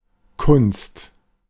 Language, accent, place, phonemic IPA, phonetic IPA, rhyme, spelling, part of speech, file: German, Germany, Berlin, /kʊnst/, [kʰʊnst], -ʊnst, Kunst, noun, De-Kunst.ogg
- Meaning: 1. art 2. artworks, works of art 3. craft 4. skill, ability 5. something artificially created or manufactured, as opposed to something natural